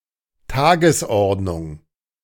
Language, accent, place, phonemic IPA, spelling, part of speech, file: German, Germany, Berlin, /ˈtaːɡəsˌɔʁtnʊŋ/, Tagesordnung, noun, De-Tagesordnung.ogg
- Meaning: agenda; order of the day (business to be done by a body or group of people on a particular day)